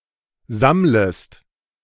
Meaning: second-person singular subjunctive I of sammeln
- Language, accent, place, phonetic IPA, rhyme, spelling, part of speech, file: German, Germany, Berlin, [ˈzamləst], -amləst, sammlest, verb, De-sammlest.ogg